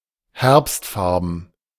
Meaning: autumnal (in colour)
- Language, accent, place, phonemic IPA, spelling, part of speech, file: German, Germany, Berlin, /ˈhɛʁpstˌfaʁbn̩/, herbstfarben, adjective, De-herbstfarben.ogg